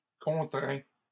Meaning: inflection of contraindre: 1. first/second-person singular present indicative 2. second-person singular imperative
- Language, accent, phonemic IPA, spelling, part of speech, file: French, Canada, /kɔ̃.tʁɛ̃/, contrains, verb, LL-Q150 (fra)-contrains.wav